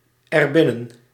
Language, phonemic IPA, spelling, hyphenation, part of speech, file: Dutch, /ɛrˈbɪ.nə(n)/, erbinnen, er‧bin‧nen, adverb, Nl-erbinnen.ogg
- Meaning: pronominal adverb form of binnen + het